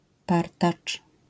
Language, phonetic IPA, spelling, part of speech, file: Polish, [ˈpartat͡ʃ], partacz, noun, LL-Q809 (pol)-partacz.wav